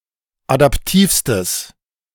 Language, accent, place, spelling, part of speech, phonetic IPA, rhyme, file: German, Germany, Berlin, adaptivstes, adjective, [adapˈtiːfstəs], -iːfstəs, De-adaptivstes.ogg
- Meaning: strong/mixed nominative/accusative neuter singular superlative degree of adaptiv